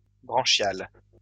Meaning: branchial
- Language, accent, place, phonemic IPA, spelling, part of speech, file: French, France, Lyon, /bʁɑ̃.ʃjal/, branchial, adjective, LL-Q150 (fra)-branchial.wav